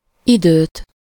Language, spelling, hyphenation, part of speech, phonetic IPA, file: Hungarian, időt, időt, noun, [ˈidøːt], Hu-időt.ogg
- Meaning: accusative singular of idő